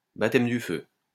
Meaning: baptism of fire
- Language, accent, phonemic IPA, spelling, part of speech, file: French, France, /ba.tɛm dy fø/, baptême du feu, noun, LL-Q150 (fra)-baptême du feu.wav